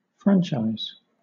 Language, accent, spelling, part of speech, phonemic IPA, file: English, Southern England, franchise, noun / verb, /ˈfɹænt͡ʃaɪ̯z/, LL-Q1860 (eng)-franchise.wav
- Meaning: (noun) 1. The right to vote at a public election or referendum; see: suffrage 2. A right or privilege officially granted to a person, a group of people, or a company by a government